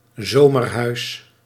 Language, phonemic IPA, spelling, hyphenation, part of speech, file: Dutch, /ˈzoː.mərˌɦœy̯s/, zomerhuis, zo‧mer‧huis, noun, Nl-zomerhuis.ogg
- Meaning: summerhouse